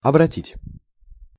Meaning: 1. to turn; to direct 2. to turn into 3. to convert
- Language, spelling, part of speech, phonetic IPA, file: Russian, обратить, verb, [ɐbrɐˈtʲitʲ], Ru-обратить.ogg